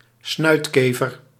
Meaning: weevil
- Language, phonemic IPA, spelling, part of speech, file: Dutch, /ˈsnœy̯tˌkeː.vər/, snuitkever, noun, Nl-snuitkever.ogg